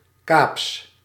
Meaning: of, from or relating to the Cape of Good Hope
- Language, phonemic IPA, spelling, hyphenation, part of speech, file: Dutch, /kaːps/, Kaaps, Kaaps, adjective, Nl-Kaaps.ogg